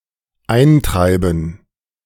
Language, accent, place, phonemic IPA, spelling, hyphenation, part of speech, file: German, Germany, Berlin, /ˈaɪ̯nˌtʁaɪ̯bn̩/, eintreiben, ein‧trei‧ben, verb, De-eintreiben.ogg
- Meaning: 1. to drive in 2. to collect (e.g. debts)